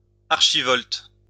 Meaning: archivolt
- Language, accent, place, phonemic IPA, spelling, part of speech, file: French, France, Lyon, /aʁ.ʃi.vɔlt/, archivolte, noun, LL-Q150 (fra)-archivolte.wav